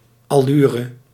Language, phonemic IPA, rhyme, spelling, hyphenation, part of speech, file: Dutch, /ˌɑˈlyː.rə/, -yːrə, allure, al‧lu‧re, noun, Nl-allure.ogg
- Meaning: air, pretension